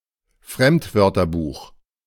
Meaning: dictionary of loanwords
- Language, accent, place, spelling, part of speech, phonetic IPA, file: German, Germany, Berlin, Fremdwörterbuch, noun, [ˈfʁɛmtˌvœʁtɐbuːx], De-Fremdwörterbuch.ogg